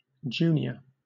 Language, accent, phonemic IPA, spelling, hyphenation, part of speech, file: English, Southern England, /ˈd͡ʒuːniə/, junior, ju‧nior, adjective / noun / verb, LL-Q1860 (eng)-junior.wav
- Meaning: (adjective) 1. Low in rank; having a subordinate role, job, or situation 2. Younger 3. Belonging to a younger person, or an earlier time of life